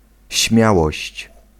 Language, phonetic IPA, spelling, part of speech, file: Polish, [ˈɕmʲjawɔɕt͡ɕ], śmiałość, noun, Pl-śmiałość.ogg